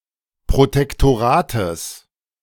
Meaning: genitive singular of Protektorat
- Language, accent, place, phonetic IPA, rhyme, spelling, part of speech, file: German, Germany, Berlin, [pʁotɛktoˈʁaːtəs], -aːtəs, Protektorates, noun, De-Protektorates.ogg